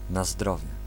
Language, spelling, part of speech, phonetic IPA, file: Polish, na zdrowie, interjection, [na‿ˈzdrɔvʲjɛ], Pl-na zdrowie.ogg